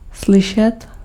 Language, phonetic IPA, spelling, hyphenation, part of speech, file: Czech, [ˈslɪʃɛt], slyšet, sly‧šet, verb, Cs-slyšet.ogg
- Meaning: to hear